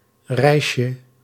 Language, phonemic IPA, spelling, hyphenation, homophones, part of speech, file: Dutch, /rɛi̯.ʃə/, rijsje, rij‧sje, reisje, noun, Nl-rijsje.ogg
- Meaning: diminutive of rijs